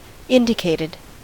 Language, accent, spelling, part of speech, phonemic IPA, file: English, US, indicated, verb, /ˈɪndɪkeɪtɪd/, En-us-indicated.ogg
- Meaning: simple past and past participle of indicate